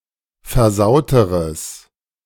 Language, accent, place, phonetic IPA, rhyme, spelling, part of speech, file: German, Germany, Berlin, [fɛɐ̯ˈzaʊ̯təʁəs], -aʊ̯təʁəs, versauteres, adjective, De-versauteres.ogg
- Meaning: strong/mixed nominative/accusative neuter singular comparative degree of versaut